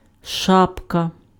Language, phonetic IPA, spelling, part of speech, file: Ukrainian, [ˈʃapkɐ], шапка, noun, Uk-шапка.ogg
- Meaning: a winter cap, beanie, or casual hat